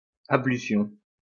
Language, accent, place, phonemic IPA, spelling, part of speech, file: French, France, Lyon, /a.bly.sjɔ̃/, ablution, noun, LL-Q150 (fra)-ablution.wav
- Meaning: 1. Ritual rinsing of the priest's hand; ablution 2. a washing, especially ritual